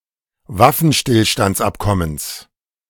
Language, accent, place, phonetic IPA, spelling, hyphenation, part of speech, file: German, Germany, Berlin, [ˈvafn̩ˌʃtɪlʃtantsˌʔapkɔməns], Waffenstillstandsabkommens, Waf‧fen‧still‧stands‧ab‧kom‧mens, noun, De-Waffenstillstandsabkommens.ogg
- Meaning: genitive singular of Waffenstillstandsabkommen